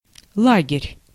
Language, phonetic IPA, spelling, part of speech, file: Russian, [ˈɫaɡʲɪrʲ], лагерь, noun, Ru-лагерь.ogg
- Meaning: 1. camp, camp-out 2. camp, party, faction 3. labour camp, prison camp